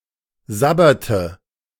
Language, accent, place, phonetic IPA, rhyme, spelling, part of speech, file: German, Germany, Berlin, [ˈzabɐtə], -abɐtə, sabberte, verb, De-sabberte.ogg
- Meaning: inflection of sabbern: 1. first/third-person singular preterite 2. first/third-person singular subjunctive II